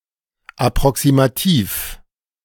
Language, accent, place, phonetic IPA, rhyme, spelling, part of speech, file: German, Germany, Berlin, [apʁɔksimaˈtiːf], -iːf, approximativ, adjective, De-approximativ.ogg
- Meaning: approximate